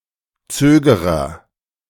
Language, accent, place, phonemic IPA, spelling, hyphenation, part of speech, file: German, Germany, Berlin, /ˈt͡søːɡəʁɐ/, Zögerer, Zö‧ge‧rer, noun, De-Zögerer.ogg
- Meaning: agent noun of zögern; procrastinator